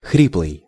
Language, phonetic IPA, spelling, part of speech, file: Russian, [ˈxrʲipɫɨj], хриплый, adjective, Ru-хриплый.ogg
- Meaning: hoarse, husky